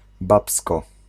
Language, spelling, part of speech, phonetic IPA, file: Polish, babsko, noun, [ˈbapskɔ], Pl-babsko.ogg